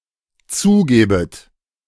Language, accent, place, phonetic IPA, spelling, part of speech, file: German, Germany, Berlin, [ˈt͡suːˌɡeːbət], zugebet, verb, De-zugebet.ogg
- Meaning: second-person plural dependent subjunctive I of zugeben